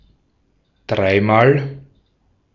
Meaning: thrice, three times
- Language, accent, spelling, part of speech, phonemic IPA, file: German, Austria, dreimal, adverb, /ˈdraɪ̯maːl/, De-at-dreimal.ogg